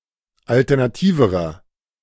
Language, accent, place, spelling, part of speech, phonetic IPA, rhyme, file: German, Germany, Berlin, alternativerer, adjective, [ˌaltɛʁnaˈtiːvəʁɐ], -iːvəʁɐ, De-alternativerer.ogg
- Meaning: inflection of alternativ: 1. strong/mixed nominative masculine singular comparative degree 2. strong genitive/dative feminine singular comparative degree 3. strong genitive plural comparative degree